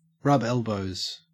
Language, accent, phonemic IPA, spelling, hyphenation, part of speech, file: English, Australia, /ˌɹɐb ˈelˌbəʉ̯z/, rub elbows, rub el‧bows, verb, En-au-rub elbows.ogg
- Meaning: To associate closely; to consort, mingle, or socialize